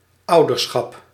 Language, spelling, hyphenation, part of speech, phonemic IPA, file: Dutch, ouderschap, ou‧der‧schap, noun, /ˈɑu̯.dərˌsxɑp/, Nl-ouderschap.ogg
- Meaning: parenthood